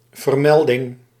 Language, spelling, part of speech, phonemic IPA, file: Dutch, vermelding, noun, /vərˈmɛldɪŋ/, Nl-vermelding.ogg
- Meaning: mention